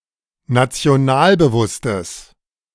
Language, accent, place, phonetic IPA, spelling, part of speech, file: German, Germany, Berlin, [nat͡si̯oˈnaːlbəˌvʊstəs], nationalbewusstes, adjective, De-nationalbewusstes.ogg
- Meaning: strong/mixed nominative/accusative neuter singular of nationalbewusst